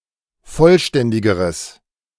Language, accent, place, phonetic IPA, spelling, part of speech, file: German, Germany, Berlin, [ˈfɔlˌʃtɛndɪɡəʁəs], vollständigeres, adjective, De-vollständigeres.ogg
- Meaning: strong/mixed nominative/accusative neuter singular comparative degree of vollständig